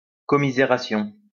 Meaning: commiseration
- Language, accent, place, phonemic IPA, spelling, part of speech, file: French, France, Lyon, /kɔ.mi.ze.ʁa.sjɔ̃/, commisération, noun, LL-Q150 (fra)-commisération.wav